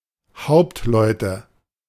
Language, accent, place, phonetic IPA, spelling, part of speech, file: German, Germany, Berlin, [ˈhaʊ̯ptˌlɔɪ̯tə], Hauptleute, noun, De-Hauptleute.ogg
- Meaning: nominative/accusative/genitive plural of Hauptmann